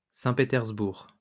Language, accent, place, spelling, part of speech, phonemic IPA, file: French, France, Lyon, Saint-Pétersbourg, proper noun, /sɛ̃.pe.tɛʁz.buʁ/, LL-Q150 (fra)-Saint-Pétersbourg.wav
- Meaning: Saint Petersburg (a federal city of Russia, known between 1914 and 1924 as Petrograd and between 1924 and 1991 as Leningrad; the former capital of Russia, from 1713–1728 and 1732–1918)